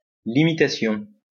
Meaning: limitation (action of limiting)
- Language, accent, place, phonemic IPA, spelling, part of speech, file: French, France, Lyon, /li.mi.ta.sjɔ̃/, limitation, noun, LL-Q150 (fra)-limitation.wav